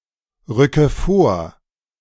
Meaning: inflection of vorrücken: 1. first-person singular present 2. first/third-person singular subjunctive I 3. singular imperative
- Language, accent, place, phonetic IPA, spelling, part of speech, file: German, Germany, Berlin, [ˌʁʏkə ˈfoːɐ̯], rücke vor, verb, De-rücke vor.ogg